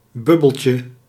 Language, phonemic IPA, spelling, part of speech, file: Dutch, /ˈbʏbəlcə/, bubbeltje, noun, Nl-bubbeltje.ogg
- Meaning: diminutive of bubbel